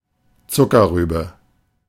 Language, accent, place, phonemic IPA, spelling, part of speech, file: German, Germany, Berlin, /ˈt͡sʊkɐˌʁyːbə/, Zuckerrübe, noun, De-Zuckerrübe.ogg
- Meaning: sugar beet